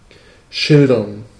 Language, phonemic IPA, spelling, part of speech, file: German, /ˈʃɪldɐn/, schildern, verb, De-schildern.ogg
- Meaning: 1. to depict (with words), to narrate, tell vividly 2. to depict (by illustration), to paint, draw 3. to be in full feather and have a characteristic spot on the breast 4. to stand guard, to patrol